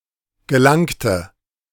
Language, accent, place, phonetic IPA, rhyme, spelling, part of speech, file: German, Germany, Berlin, [ɡəˈlaŋtə], -aŋtə, gelangte, adjective / verb, De-gelangte.ogg
- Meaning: first/third-person singular preterite of gelangen